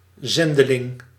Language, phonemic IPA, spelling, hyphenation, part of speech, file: Dutch, /ˈzɛn.dəˌlɪŋ/, zendeling, zen‧de‧ling, noun, Nl-zendeling.ogg
- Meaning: 1. a (Protestant) missionary 2. an emissary, a delegate